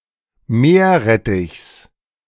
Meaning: genitive singular of Meerrettich
- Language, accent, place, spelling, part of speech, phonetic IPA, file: German, Germany, Berlin, Meerrettichs, noun, [ˈmeːɐ̯ˌʁɛtɪçs], De-Meerrettichs.ogg